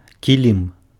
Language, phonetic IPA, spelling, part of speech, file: Belarusian, [kʲiˈlʲim], кілім, noun, Be-кілім.ogg
- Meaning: rug, carpet